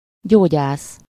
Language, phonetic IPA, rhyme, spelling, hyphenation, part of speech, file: Hungarian, [ˈɟoːɟaːs], -aːs, gyógyász, gyó‧gyász, noun, Hu-gyógyász.ogg
- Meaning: doctor, physician